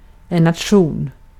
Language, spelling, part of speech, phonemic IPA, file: Swedish, nation, noun, /natˈɧuːn/, Sv-nation.ogg
- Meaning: 1. nation, country, state 2. nation, people 3. a union or fraternity of students from the same province